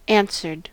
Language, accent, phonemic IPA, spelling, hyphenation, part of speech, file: English, US, /ˈæn.sɚd/, answered, an‧swer‧ed, adjective / verb, En-us-answered.ogg
- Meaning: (adjective) Having an answer; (verb) simple past and past participle of answer